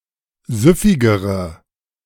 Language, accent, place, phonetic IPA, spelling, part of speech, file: German, Germany, Berlin, [ˈzʏfɪɡəʁə], süffigere, adjective, De-süffigere.ogg
- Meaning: inflection of süffig: 1. strong/mixed nominative/accusative feminine singular comparative degree 2. strong nominative/accusative plural comparative degree